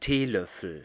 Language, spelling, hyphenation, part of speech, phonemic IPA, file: German, Teelöffel, Tee‧löf‧fel, noun, /ˈteːˌlœfl̩/, De-Teelöffel.ogg
- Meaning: 1. teaspoon 2. dessertspoon